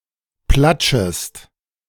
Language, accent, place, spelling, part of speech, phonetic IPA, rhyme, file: German, Germany, Berlin, platschest, verb, [ˈplat͡ʃəst], -at͡ʃəst, De-platschest.ogg
- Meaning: second-person singular subjunctive I of platschen